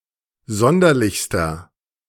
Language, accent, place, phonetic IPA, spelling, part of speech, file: German, Germany, Berlin, [ˈzɔndɐlɪçstɐ], sonderlichster, adjective, De-sonderlichster.ogg
- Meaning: inflection of sonderlich: 1. strong/mixed nominative masculine singular superlative degree 2. strong genitive/dative feminine singular superlative degree 3. strong genitive plural superlative degree